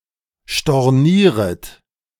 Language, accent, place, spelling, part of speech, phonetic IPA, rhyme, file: German, Germany, Berlin, stornieret, verb, [ʃtɔʁˈniːʁət], -iːʁət, De-stornieret.ogg
- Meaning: second-person plural subjunctive I of stornieren